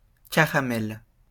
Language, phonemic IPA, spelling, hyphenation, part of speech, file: French, /ka.ʁa.mɛl/, caramel, ca‧ra‧mel, noun, LL-Q150 (fra)-caramel.wav
- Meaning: fudge; caramel (confection)